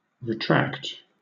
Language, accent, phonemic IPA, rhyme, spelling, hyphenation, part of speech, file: English, Southern England, /ɹɪˈtɹækt/, -ækt, retract, re‧tract, verb / noun, LL-Q1860 (eng)-retract.wav
- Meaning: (verb) 1. To pull (something) back or back inside 2. To pull (something) back or back inside.: To draw (an extended body part) back into the body 3. To avert (one's eyes or a gaze)